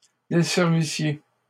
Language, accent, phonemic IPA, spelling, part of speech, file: French, Canada, /de.sɛʁ.vi.sje/, desservissiez, verb, LL-Q150 (fra)-desservissiez.wav
- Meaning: second-person plural imperfect subjunctive of desservir